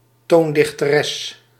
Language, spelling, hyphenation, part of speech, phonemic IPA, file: Dutch, toondichteres, toon‧dich‧te‧res, noun, /ˈtoːn.dɪx.təˌrɛs/, Nl-toondichteres.ogg
- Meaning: female music composer